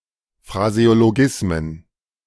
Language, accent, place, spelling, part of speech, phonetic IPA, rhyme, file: German, Germany, Berlin, Phraseologismen, noun, [fʁazeoloˈɡɪsmən], -ɪsmən, De-Phraseologismen.ogg
- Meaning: plural of Phraseologismus